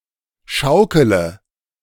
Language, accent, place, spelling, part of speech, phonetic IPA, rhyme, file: German, Germany, Berlin, schaukele, verb, [ˈʃaʊ̯kələ], -aʊ̯kələ, De-schaukele.ogg
- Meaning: inflection of schaukeln: 1. first-person singular present 2. singular imperative 3. first/third-person singular subjunctive I